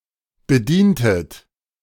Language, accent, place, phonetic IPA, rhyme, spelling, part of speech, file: German, Germany, Berlin, [bəˈdiːntət], -iːntət, bedientet, verb, De-bedientet.ogg
- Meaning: inflection of bedienen: 1. second-person plural preterite 2. second-person plural subjunctive II